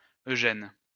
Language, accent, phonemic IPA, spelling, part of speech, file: French, France, /ø.ʒɛn/, Eugène, proper noun, LL-Q150 (fra)-Eugène.wav
- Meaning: a male given name, equivalent to English Eugene